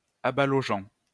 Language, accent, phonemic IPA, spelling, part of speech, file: French, France, /a.ba.lɔ.ʒɑ̃/, abalogeant, verb, LL-Q150 (fra)-abalogeant.wav
- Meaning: present participle of abaloger